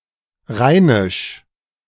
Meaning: Rhenish (dialect)
- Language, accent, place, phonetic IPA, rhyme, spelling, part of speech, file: German, Germany, Berlin, [ˈʁaɪ̯nɪʃ], -aɪ̯nɪʃ, Rheinisch, noun, De-Rheinisch.ogg